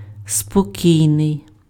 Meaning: 1. quiet, calm, tranquil, placid 2. peaceful (not at war or disturbed by strife or turmoil)
- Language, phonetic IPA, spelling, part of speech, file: Ukrainian, [spoˈkʲii̯nei̯], спокійний, adjective, Uk-спокійний.ogg